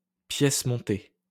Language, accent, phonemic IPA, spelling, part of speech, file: French, France, /pjɛs mɔ̃.te/, pièce montée, noun, LL-Q150 (fra)-pièce montée.wav
- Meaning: wedding cake